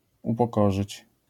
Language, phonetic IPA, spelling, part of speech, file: Polish, [ˌupɔˈkɔʒɨt͡ɕ], upokorzyć, verb, LL-Q809 (pol)-upokorzyć.wav